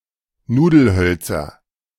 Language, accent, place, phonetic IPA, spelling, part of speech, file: German, Germany, Berlin, [ˈnuːdl̩ˌhœlt͡sɐ], Nudelhölzer, noun, De-Nudelhölzer.ogg
- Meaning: nominative/accusative/genitive plural of Nudelholz